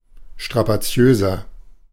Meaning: 1. comparative degree of strapaziös 2. inflection of strapaziös: strong/mixed nominative masculine singular 3. inflection of strapaziös: strong genitive/dative feminine singular
- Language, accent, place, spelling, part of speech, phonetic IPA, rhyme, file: German, Germany, Berlin, strapaziöser, adjective, [ˌʃtʁapaˈt͡si̯øːzɐ], -øːzɐ, De-strapaziöser.ogg